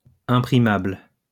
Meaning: printable
- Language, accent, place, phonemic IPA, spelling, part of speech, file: French, France, Lyon, /ɛ̃.pʁi.mabl/, imprimable, adjective, LL-Q150 (fra)-imprimable.wav